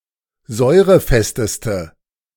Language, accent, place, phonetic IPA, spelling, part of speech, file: German, Germany, Berlin, [ˈzɔɪ̯ʁəˌfɛstəstə], säurefesteste, adjective, De-säurefesteste.ogg
- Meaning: inflection of säurefest: 1. strong/mixed nominative/accusative feminine singular superlative degree 2. strong nominative/accusative plural superlative degree